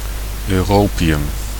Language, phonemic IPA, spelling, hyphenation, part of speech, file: Dutch, /ˌøːˈroː.pi.ʏm/, europium, eu‧ro‧pi‧um, noun, Nl-europium.ogg
- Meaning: europium